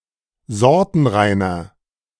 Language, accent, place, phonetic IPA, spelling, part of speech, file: German, Germany, Berlin, [ˈzɔʁtn̩ˌʁaɪ̯nɐ], sortenreiner, adjective, De-sortenreiner.ogg
- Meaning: inflection of sortenrein: 1. strong/mixed nominative masculine singular 2. strong genitive/dative feminine singular 3. strong genitive plural